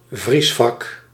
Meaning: a freezer compartment within a refrigerator rather than as a separate unit, a freezing compartment
- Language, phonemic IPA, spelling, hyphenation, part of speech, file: Dutch, /ˈvris.fɑk/, vriesvak, vries‧vak, noun, Nl-vriesvak.ogg